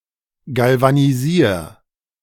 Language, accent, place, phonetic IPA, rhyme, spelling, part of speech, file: German, Germany, Berlin, [ˌɡalvaniˈziːɐ̯], -iːɐ̯, galvanisier, verb, De-galvanisier.ogg
- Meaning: 1. singular imperative of galvanisieren 2. first-person singular present of galvanisieren